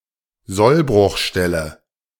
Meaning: (predetermined) breaking point
- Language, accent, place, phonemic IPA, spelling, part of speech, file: German, Germany, Berlin, /ˈzɔlbrʊxˌʃtɛlə/, Sollbruchstelle, noun, De-Sollbruchstelle.ogg